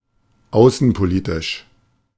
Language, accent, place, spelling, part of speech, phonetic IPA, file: German, Germany, Berlin, außenpolitisch, adjective, [ˈaʊ̯sn̩poˌliːtɪʃ], De-außenpolitisch.ogg
- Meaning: regarding foreign affairs